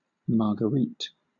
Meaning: A female given name from French
- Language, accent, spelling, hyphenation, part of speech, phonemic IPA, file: English, Southern England, Marguerite, Mar‧gue‧rite, proper noun, /ˌmɑː(ɹ)ɡəˈɹiːt/, LL-Q1860 (eng)-Marguerite.wav